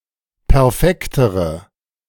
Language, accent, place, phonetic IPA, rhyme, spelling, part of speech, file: German, Germany, Berlin, [pɛʁˈfɛktəʁə], -ɛktəʁə, perfektere, adjective, De-perfektere.ogg
- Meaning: inflection of perfekt: 1. strong/mixed nominative/accusative feminine singular comparative degree 2. strong nominative/accusative plural comparative degree